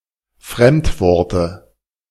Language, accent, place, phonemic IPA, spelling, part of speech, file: German, Germany, Berlin, /ˈfʁɛmtˌvɔʁtə/, Fremdworte, noun, De-Fremdworte.ogg
- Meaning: dative singular of Fremdwort